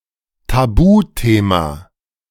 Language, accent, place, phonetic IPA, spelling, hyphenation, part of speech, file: German, Germany, Berlin, [taˈbuːˌteːma], Tabuthema, Ta‧bu‧the‧ma, noun, De-Tabuthema.ogg
- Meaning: taboo subject